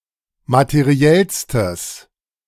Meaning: strong/mixed nominative/accusative neuter singular superlative degree of materiell
- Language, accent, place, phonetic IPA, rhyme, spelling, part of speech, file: German, Germany, Berlin, [matəˈʁi̯ɛlstəs], -ɛlstəs, materiellstes, adjective, De-materiellstes.ogg